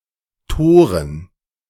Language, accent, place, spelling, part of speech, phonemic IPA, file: German, Germany, Berlin, Toren, noun, /ˈtoːʁən/, De-Toren.ogg
- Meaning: 1. plural of Tor (“fool”) 2. dative plural of Tor (“gate, goal”)